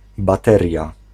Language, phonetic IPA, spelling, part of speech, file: Polish, [baˈtɛrʲja], bateria, noun, Pl-bateria.ogg